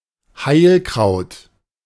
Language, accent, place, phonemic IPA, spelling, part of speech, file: German, Germany, Berlin, /ˈhaɪ̯lkʁaʊ̯t/, Heilkraut, noun, De-Heilkraut.ogg
- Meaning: medicinal herb